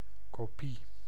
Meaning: copy (replication)
- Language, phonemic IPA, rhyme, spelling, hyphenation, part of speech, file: Dutch, /koːˈpi/, -i, kopie, ko‧pie, noun, Nl-kopie.ogg